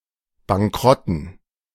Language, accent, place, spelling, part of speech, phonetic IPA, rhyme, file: German, Germany, Berlin, Bankrotten, noun, [baŋˈkʁɔtn̩], -ɔtn̩, De-Bankrotten.ogg
- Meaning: dative plural of Bankrott